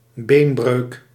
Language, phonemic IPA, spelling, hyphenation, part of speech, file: Dutch, /ˈbeːn.brøːk/, beenbreuk, been‧breuk, noun, Nl-beenbreuk.ogg
- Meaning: 1. a bone fracture 2. a leg fracture, a broken leg